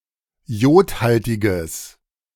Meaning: strong/mixed nominative/accusative neuter singular of jodhaltig
- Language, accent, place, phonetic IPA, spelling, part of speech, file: German, Germany, Berlin, [ˈjoːtˌhaltɪɡəs], jodhaltiges, adjective, De-jodhaltiges.ogg